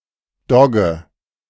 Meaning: boarhound, mastiff
- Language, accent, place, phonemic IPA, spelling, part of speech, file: German, Germany, Berlin, /ˈdɔɡə/, Dogge, noun, De-Dogge.ogg